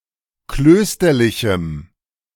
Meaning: strong dative masculine/neuter singular of klösterlich
- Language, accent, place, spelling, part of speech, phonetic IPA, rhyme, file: German, Germany, Berlin, klösterlichem, adjective, [ˈkløːstɐlɪçm̩], -øːstɐlɪçm̩, De-klösterlichem.ogg